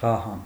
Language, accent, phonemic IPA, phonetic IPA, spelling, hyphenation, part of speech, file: Armenian, Eastern Armenian, /vɑˈhɑn/, [vɑhɑ́n], վահան, վա‧հան, noun, Hy-վահան.ogg
- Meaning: shield